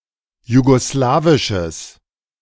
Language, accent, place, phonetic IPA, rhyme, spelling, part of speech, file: German, Germany, Berlin, [juɡoˈslaːvɪʃəs], -aːvɪʃəs, jugoslawisches, adjective, De-jugoslawisches.ogg
- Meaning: strong/mixed nominative/accusative neuter singular of jugoslawisch